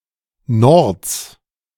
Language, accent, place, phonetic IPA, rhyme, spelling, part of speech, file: German, Germany, Berlin, [nɔʁt͡s], -ɔʁt͡s, Nords, noun, De-Nords.ogg
- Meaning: genitive singular of Nord